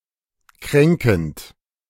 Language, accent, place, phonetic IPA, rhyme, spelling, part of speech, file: German, Germany, Berlin, [ˈkʁɛŋkn̩t], -ɛŋkn̩t, kränkend, verb, De-kränkend.ogg
- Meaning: present participle of kränken